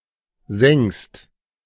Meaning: second-person singular present of sengen
- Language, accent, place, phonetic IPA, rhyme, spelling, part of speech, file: German, Germany, Berlin, [zɛŋst], -ɛŋst, sengst, verb, De-sengst.ogg